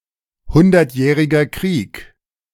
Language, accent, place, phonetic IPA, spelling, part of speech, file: German, Germany, Berlin, [ˈhʊndɐtˌjɛːʁɪɡɐ kʁiːk], Hundertjähriger Krieg, phrase, De-Hundertjähriger Krieg.ogg
- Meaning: Hundred Years' War